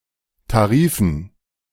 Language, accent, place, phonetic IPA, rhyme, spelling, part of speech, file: German, Germany, Berlin, [taˈʁiːfn̩], -iːfn̩, Tarifen, noun, De-Tarifen.ogg
- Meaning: dative plural of Tarif